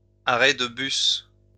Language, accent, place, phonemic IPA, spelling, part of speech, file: French, France, Lyon, /a.ʁɛ d(ə) bys/, arrêts de bus, noun, LL-Q150 (fra)-arrêts de bus.wav
- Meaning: plural of arrêt de bus